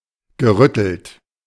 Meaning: past participle of rütteln
- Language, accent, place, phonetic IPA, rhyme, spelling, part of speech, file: German, Germany, Berlin, [ɡəˈʁʏtl̩t], -ʏtl̩t, gerüttelt, verb, De-gerüttelt.ogg